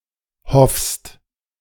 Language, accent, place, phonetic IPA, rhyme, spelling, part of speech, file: German, Germany, Berlin, [hɔfst], -ɔfst, hoffst, verb, De-hoffst.ogg
- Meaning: second-person singular present of hoffen